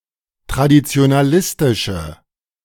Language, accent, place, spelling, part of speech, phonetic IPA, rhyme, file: German, Germany, Berlin, traditionalistische, adjective, [tʁadit͡si̯onaˈlɪstɪʃə], -ɪstɪʃə, De-traditionalistische.ogg
- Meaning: inflection of traditionalistisch: 1. strong/mixed nominative/accusative feminine singular 2. strong nominative/accusative plural 3. weak nominative all-gender singular